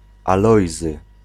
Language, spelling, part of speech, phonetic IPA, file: Polish, Alojzy, proper noun, [aˈlɔjzɨ], Pl-Alojzy.ogg